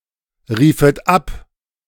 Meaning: second-person plural subjunctive I of abrufen
- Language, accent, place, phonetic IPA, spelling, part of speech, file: German, Germany, Berlin, [ˌʁiːfət ˈap], riefet ab, verb, De-riefet ab.ogg